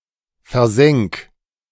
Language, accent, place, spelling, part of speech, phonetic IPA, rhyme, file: German, Germany, Berlin, versenk, verb, [fɛɐ̯ˈzɛŋk], -ɛŋk, De-versenk.ogg
- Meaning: 1. singular imperative of versenken 2. first-person singular present of versenken